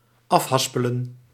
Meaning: 1. to unwind (from a reel), to reel 2. to sort out, to untangle 3. to fight it out verbally, to solve a dispute by arguing
- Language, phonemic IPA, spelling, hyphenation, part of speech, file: Dutch, /ˈɑfˌɦɑs.pə.lə(n)/, afhaspelen, af‧has‧pe‧len, verb, Nl-afhaspelen.ogg